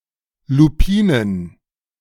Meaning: plural of Lupine
- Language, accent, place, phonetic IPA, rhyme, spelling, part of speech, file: German, Germany, Berlin, [luˈpiːnən], -iːnən, Lupinen, noun, De-Lupinen.ogg